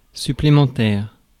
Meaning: 1. extra 2. supplementary
- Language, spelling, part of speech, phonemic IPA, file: French, supplémentaire, adjective, /sy.ple.mɑ̃.tɛʁ/, Fr-supplémentaire.ogg